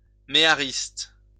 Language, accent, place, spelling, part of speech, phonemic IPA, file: French, France, Lyon, méhariste, noun, /me.a.ʁist/, LL-Q150 (fra)-méhariste.wav
- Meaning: a dromedary rider, especially of a mehari, sometimes as part of camelry